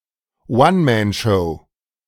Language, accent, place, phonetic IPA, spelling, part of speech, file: German, Germany, Berlin, [ˈvanmɛnˌʃɔʊ̯], One-Man-Show, noun, De-One-Man-Show.ogg
- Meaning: one-man show; solo exhibition